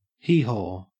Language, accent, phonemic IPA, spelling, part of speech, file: English, Australia, /ˈhiː.hɔ̰̃ː/, hee-haw, noun / interjection / verb, En-au-hee-haw.ogg
- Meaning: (noun) 1. The cry of an ass or donkey 2. Nothing; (verb) Of an ass or donkey, to make its typical vocalisation